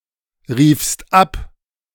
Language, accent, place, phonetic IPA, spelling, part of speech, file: German, Germany, Berlin, [ˌʁiːfst ˈap], riefst ab, verb, De-riefst ab.ogg
- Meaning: second-person singular preterite of abrufen